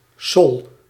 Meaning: sol (the fifth step in the solfège scale of C, preceded by fa and followed by la)
- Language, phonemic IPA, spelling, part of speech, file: Dutch, /sɔl/, sol, noun, Nl-sol.ogg